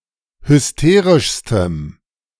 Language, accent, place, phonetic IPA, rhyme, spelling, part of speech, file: German, Germany, Berlin, [hʏsˈteːʁɪʃstəm], -eːʁɪʃstəm, hysterischstem, adjective, De-hysterischstem.ogg
- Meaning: strong dative masculine/neuter singular superlative degree of hysterisch